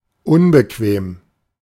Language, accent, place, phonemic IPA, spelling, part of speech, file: German, Germany, Berlin, /ˈʊnbəˌkveːm/, unbequem, adjective, De-unbequem.ogg
- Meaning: uncomfortable, inconvenient